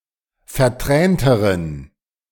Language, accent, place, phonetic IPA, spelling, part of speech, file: German, Germany, Berlin, [fɛɐ̯ˈtʁɛːntəʁən], vertränteren, adjective, De-vertränteren.ogg
- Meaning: inflection of vertränt: 1. strong genitive masculine/neuter singular comparative degree 2. weak/mixed genitive/dative all-gender singular comparative degree